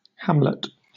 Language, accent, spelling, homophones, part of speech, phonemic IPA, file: English, Southern England, hamlet, Hamlet, noun, /ˈhæm.lɪt/, LL-Q1860 (eng)-hamlet.wav
- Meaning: 1. A small settlement or a group of houses, often defined as a settlement smaller than a village 2. A village that does not have its own church